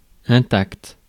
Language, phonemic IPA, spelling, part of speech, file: French, /ɛ̃.takt/, intact, adjective, Fr-intact.ogg
- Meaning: 1. intact 2. unspoiled, unbroken